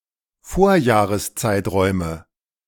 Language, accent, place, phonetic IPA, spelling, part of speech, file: German, Germany, Berlin, [ˈfoːɐ̯jaːʁəsˌt͡saɪ̯tʁɔɪ̯mə], Vorjahreszeiträume, noun, De-Vorjahreszeiträume.ogg
- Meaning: nominative/accusative/genitive plural of Vorjahreszeitraum